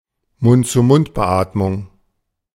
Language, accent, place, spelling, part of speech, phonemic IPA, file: German, Germany, Berlin, Mund-zu-Mund-Beatmung, noun, /mʊntt͡suːˈmʊntbəˌʔaːtmʊŋ/, De-Mund-zu-Mund-Beatmung.ogg
- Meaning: mouth-to-mouth resuscitation